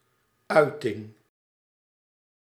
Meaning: expression, utterance
- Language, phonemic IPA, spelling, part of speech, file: Dutch, /ˈœy̯tɪŋ/, uiting, noun, Nl-uiting.ogg